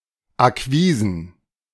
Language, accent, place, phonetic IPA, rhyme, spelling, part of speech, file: German, Germany, Berlin, [aˈkviːzn̩], -iːzn̩, Akquisen, noun, De-Akquisen.ogg
- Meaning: plural of Akquise